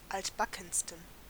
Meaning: 1. superlative degree of altbacken 2. inflection of altbacken: strong genitive masculine/neuter singular superlative degree
- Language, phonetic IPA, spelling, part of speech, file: German, [ˈaltbakn̩stən], altbackensten, adjective, De-altbackensten.ogg